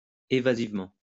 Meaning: evasively
- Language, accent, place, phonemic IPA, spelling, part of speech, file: French, France, Lyon, /e.va.ziv.mɑ̃/, évasivement, adverb, LL-Q150 (fra)-évasivement.wav